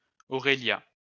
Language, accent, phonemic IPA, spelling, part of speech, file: French, France, /ɔ.ʁe.lja/, Aurélia, proper noun, LL-Q150 (fra)-Aurélia.wav
- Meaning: a female given name